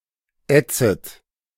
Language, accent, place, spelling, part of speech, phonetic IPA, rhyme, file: German, Germany, Berlin, ätzet, verb, [ˈɛt͡sət], -ɛt͡sət, De-ätzet.ogg
- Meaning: second-person plural subjunctive I of ätzen